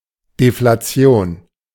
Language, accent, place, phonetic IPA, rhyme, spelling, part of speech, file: German, Germany, Berlin, [deflaˈt͡si̯oːn], -oːn, Deflation, noun, De-Deflation.ogg
- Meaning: deflation